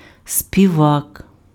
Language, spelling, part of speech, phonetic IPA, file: Ukrainian, співак, noun, [sʲpʲiˈʋak], Uk-співак.ogg
- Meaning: singer